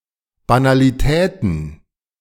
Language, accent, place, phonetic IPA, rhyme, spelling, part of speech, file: German, Germany, Berlin, [ˌbanaliˈtɛːtn̩], -ɛːtn̩, Banalitäten, noun, De-Banalitäten.ogg
- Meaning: plural of Banalität